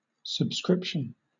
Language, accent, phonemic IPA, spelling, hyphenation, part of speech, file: English, Southern England, /səbˈskɹɪpʃən/, subscription, sub‧scrip‧tion, noun, LL-Q1860 (eng)-subscription.wav
- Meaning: 1. Access to a resource for a period of time, generally for payment 2. Access to a resource for a period of time, generally for payment.: Available only by means of such access